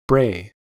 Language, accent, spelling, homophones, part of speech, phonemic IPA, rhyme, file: English, General American, bray, brae, verb / noun, /bɹeɪ/, -eɪ, En-us-bray.ogg
- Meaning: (verb) 1. Of an animal (now chiefly of animals related to the ass or donkey, and the camel): to make its cry 2. To make a harsh, discordant sound like a donkey's bray